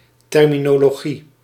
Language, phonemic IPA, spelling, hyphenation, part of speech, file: Dutch, /ˌtɛrminoloˈɣi/, terminologie, ter‧mi‧no‧lo‧gie, noun, Nl-terminologie.ogg
- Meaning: terminology